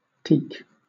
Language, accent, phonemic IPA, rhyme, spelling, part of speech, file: English, Southern England, /tiːk/, -iːk, teek, noun / verb, LL-Q1860 (eng)-teek.wav
- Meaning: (noun) 1. Obsolete form of teak 2. A telekinetic person; a person who has telekinetic abilities; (verb) To use telekinesis on; to move (something) with the power of one's mind